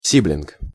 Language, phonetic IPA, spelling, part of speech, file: Russian, [ˈsʲiblʲɪnk], сиблинг, noun, Ru-сиблинг.ogg
- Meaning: sibling